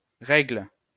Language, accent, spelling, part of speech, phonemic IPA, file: French, France, Règle, proper noun, /ʁɛɡl/, LL-Q150 (fra)-Règle.wav
- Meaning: Norma (constellation)